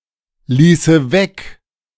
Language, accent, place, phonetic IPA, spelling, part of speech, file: German, Germany, Berlin, [ˌliːsə ˈvɛk], ließe weg, verb, De-ließe weg.ogg
- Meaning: first/third-person singular subjunctive II of weglassen